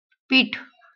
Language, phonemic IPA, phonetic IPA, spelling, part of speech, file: Marathi, /piʈʰ/, [piːʈʰ], पीठ, noun, LL-Q1571 (mar)-पीठ.wav
- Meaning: 1. flour 2. meal, except that of wheat